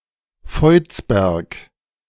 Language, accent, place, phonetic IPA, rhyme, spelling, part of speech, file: German, Germany, Berlin, [ˈfɔɪ̯t͡sbɛʁk], -ɔɪ̯t͡sbɛʁk, Voitsberg, proper noun, De-Voitsberg.ogg
- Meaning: a municipality of Styria, Austria